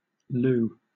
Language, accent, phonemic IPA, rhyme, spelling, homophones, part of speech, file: English, Southern England, /luː/, -uː, Lou, loo / lu / lew, proper noun, LL-Q1860 (eng)-Lou.wav
- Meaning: A unisex given name.: 1. A diminutive of the male given name Louis 2. A diminutive of the female given names Louisa and Louise; often also used as a middle name